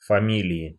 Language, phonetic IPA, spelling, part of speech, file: Russian, [fɐˈmʲilʲɪɪ], фамилии, noun, Ru-фамилии.ogg
- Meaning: inflection of фами́лия (famílija): 1. genitive/dative/prepositional singular 2. nominative/accusative plural